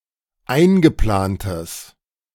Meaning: strong/mixed nominative/accusative neuter singular of eingeplant
- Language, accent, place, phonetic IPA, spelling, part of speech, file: German, Germany, Berlin, [ˈaɪ̯nɡəˌplaːntəs], eingeplantes, adjective, De-eingeplantes.ogg